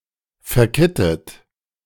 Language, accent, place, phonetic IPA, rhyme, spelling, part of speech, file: German, Germany, Berlin, [fɛɐ̯ˈkɪtət], -ɪtət, verkittet, verb, De-verkittet.ogg
- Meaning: past participle of verkitten - cemented